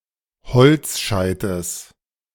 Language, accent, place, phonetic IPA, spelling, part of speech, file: German, Germany, Berlin, [ˈhɔlt͡sˌʃaɪ̯təs], Holzscheites, noun, De-Holzscheites.ogg
- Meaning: genitive singular of Holzscheit